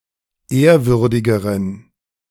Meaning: inflection of ehrwürdig: 1. strong genitive masculine/neuter singular comparative degree 2. weak/mixed genitive/dative all-gender singular comparative degree
- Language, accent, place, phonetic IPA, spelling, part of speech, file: German, Germany, Berlin, [ˈeːɐ̯ˌvʏʁdɪɡəʁən], ehrwürdigeren, adjective, De-ehrwürdigeren.ogg